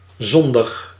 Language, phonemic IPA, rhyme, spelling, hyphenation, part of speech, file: Dutch, /ˈzɔn.dəx/, -ɔndəx, zondig, zon‧dig, adjective, Nl-zondig.ogg
- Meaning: sinful